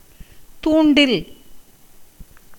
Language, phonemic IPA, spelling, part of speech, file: Tamil, /t̪uːɳɖɪl/, தூண்டில், noun, Ta-தூண்டில்.ogg
- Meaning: 1. fishing rod 2. fishhook